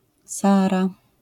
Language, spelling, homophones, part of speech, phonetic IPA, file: Polish, Saara, Sara, proper noun, [ˈsara], LL-Q809 (pol)-Saara.wav